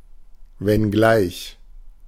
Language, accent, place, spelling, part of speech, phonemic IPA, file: German, Germany, Berlin, wenngleich, conjunction, /vɛnˈɡlaɪç/, De-wenngleich.ogg
- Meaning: albeit (despite its being; although)